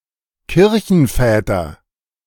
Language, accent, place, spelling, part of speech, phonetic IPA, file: German, Germany, Berlin, Kirchenväter, noun, [ˈkɪʁçn̩ˌfɛːtɐ], De-Kirchenväter.ogg
- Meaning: nominative/accusative/genitive plural of Kirchenvater